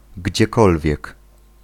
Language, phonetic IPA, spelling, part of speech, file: Polish, [ɟd͡ʑɛˈkɔlvʲjɛk], gdziekolwiek, pronoun, Pl-gdziekolwiek.ogg